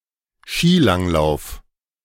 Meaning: cross-country skiing
- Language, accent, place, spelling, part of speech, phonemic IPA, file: German, Germany, Berlin, Skilanglauf, noun, /ˈʃiːˌlaŋˌlaʊ̯f/, De-Skilanglauf.ogg